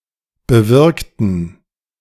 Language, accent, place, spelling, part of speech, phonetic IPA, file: German, Germany, Berlin, bewirkten, adjective / verb, [bəˈvɪʁktn̩], De-bewirkten.ogg
- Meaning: inflection of bewirkt: 1. strong genitive masculine/neuter singular 2. weak/mixed genitive/dative all-gender singular 3. strong/weak/mixed accusative masculine singular 4. strong dative plural